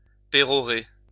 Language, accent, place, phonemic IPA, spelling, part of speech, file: French, France, Lyon, /pe.ʁɔ.ʁe/, pérorer, verb, LL-Q150 (fra)-pérorer.wav
- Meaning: to hold forth, perorate